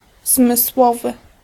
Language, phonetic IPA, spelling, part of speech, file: Polish, [zmɨsˈwɔvɨ], zmysłowy, adjective, Pl-zmysłowy.ogg